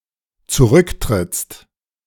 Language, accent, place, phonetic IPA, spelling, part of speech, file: German, Germany, Berlin, [t͡suˈʁʏktʁɪt͡st], zurücktrittst, verb, De-zurücktrittst.ogg
- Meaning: second-person singular dependent present of zurücktreten